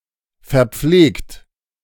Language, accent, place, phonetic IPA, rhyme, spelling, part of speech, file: German, Germany, Berlin, [fɛɐ̯ˈp͡fleːkt], -eːkt, verpflegt, verb, De-verpflegt.ogg
- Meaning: 1. past participle of verpflegen 2. inflection of verpflegen: third-person singular present 3. inflection of verpflegen: second-person plural present 4. inflection of verpflegen: plural imperative